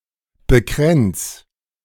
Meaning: 1. singular imperative of bekränzen 2. first-person singular present of bekränzen
- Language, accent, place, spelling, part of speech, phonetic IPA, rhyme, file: German, Germany, Berlin, bekränz, verb, [bəˈkʁɛnt͡s], -ɛnt͡s, De-bekränz.ogg